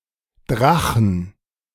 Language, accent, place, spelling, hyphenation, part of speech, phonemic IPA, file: German, Germany, Berlin, Drachen, Dra‧chen, noun, /ˈdʁaxən/, De-Drachen.ogg
- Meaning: 1. kite; hang glider (any gliding construction of poles and fabric) 2. dragon, shrew, battle axe, vixen, harpy (unkind woman, wife) 3. dragon (mythical beast)